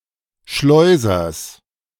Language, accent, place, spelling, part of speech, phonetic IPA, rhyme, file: German, Germany, Berlin, Schleusers, noun, [ˈʃlɔɪ̯zɐs], -ɔɪ̯zɐs, De-Schleusers.ogg
- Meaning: genitive of Schleuser